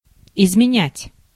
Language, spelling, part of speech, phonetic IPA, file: Russian, изменять, verb, [ɪzmʲɪˈnʲætʲ], Ru-изменять.ogg
- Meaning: 1. to change, to alter, to modify, to edit 2. to vary 3. to betray, to become unfaithful, to cheat on 4. to break, to violate (an oath, promise)